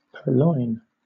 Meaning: 1. To take the property of another, often in breach of trust; to appropriate wrongfully; to steal 2. To commit theft; to thieve
- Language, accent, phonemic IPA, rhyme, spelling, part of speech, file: English, Southern England, /pɜːˈlɔɪn/, -ɔɪn, purloin, verb, LL-Q1860 (eng)-purloin.wav